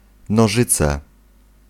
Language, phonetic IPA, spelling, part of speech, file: Polish, [nɔˈʒɨt͡sɛ], nożyce, noun, Pl-nożyce.ogg